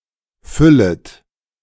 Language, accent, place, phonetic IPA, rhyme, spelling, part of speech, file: German, Germany, Berlin, [ˈfʏlət], -ʏlət, füllet, verb, De-füllet.ogg
- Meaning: second-person plural subjunctive I of füllen